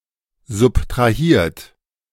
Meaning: 1. past participle of subtrahieren 2. inflection of subtrahieren: third-person singular present 3. inflection of subtrahieren: second-person plural present
- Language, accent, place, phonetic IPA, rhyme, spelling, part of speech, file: German, Germany, Berlin, [zʊptʁaˈhiːɐ̯t], -iːɐ̯t, subtrahiert, verb, De-subtrahiert.ogg